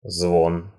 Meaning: ring, jingle, chime (sound)
- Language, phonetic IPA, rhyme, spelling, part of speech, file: Russian, [zvon], -on, звон, noun, Ru-звон.ogg